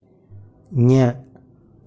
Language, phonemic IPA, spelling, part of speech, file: Tamil, /ɲɐ/, ஞ, character, Ta-ஞ.ogg
- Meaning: A consonantal letter of the Tamil script